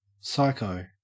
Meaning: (adjective) Psychotic, psychopathic, or (broadly) otherwise insane; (noun) A person who is psychotic, psychopathic, or (broadly) otherwise insane
- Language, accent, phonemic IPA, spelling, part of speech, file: English, Australia, /ˈsaɪ̯.kəʊ̯/, psycho, adjective / noun, En-au-psycho.ogg